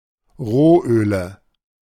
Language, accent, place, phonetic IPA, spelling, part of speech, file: German, Germany, Berlin, [ˈʁoːˌʔøːlə], Rohöle, noun, De-Rohöle.ogg
- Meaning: nominative/accusative/genitive plural of Rohöl